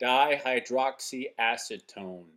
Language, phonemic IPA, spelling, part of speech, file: English, /ˌdaɪhaɪˌdrɒksiˈæsɪtoʊn/, dihydroxyacetone, noun, En-dihydroxyacetone.oga
- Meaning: 1. The compound CO(CH₂OH)₂ that has a number of industrial uses 2. The only ketotriose